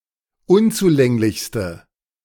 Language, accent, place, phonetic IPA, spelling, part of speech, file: German, Germany, Berlin, [ˈʊnt͡suˌlɛŋlɪçstə], unzulänglichste, adjective, De-unzulänglichste.ogg
- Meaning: inflection of unzulänglich: 1. strong/mixed nominative/accusative feminine singular superlative degree 2. strong nominative/accusative plural superlative degree